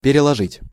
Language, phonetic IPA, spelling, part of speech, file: Russian, [pʲɪrʲɪɫɐˈʐɨtʲ], переложить, verb, Ru-переложить.ogg
- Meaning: 1. to shift, to move, to put/place elsewhere 2. to shift (onto) 3. to interlay (with) 4. to set up/put in again 5. to arrange, to transpose 6. to put too much